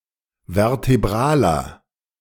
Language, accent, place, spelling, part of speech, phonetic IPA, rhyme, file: German, Germany, Berlin, vertebraler, adjective, [vɛʁteˈbʁaːlɐ], -aːlɐ, De-vertebraler.ogg
- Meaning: inflection of vertebral: 1. strong/mixed nominative masculine singular 2. strong genitive/dative feminine singular 3. strong genitive plural